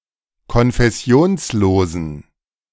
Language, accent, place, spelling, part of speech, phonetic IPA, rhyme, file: German, Germany, Berlin, konfessionslosen, adjective, [kɔnfɛˈsi̯oːnsˌloːzn̩], -oːnsloːzn̩, De-konfessionslosen.ogg
- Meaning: inflection of konfessionslos: 1. strong genitive masculine/neuter singular 2. weak/mixed genitive/dative all-gender singular 3. strong/weak/mixed accusative masculine singular 4. strong dative plural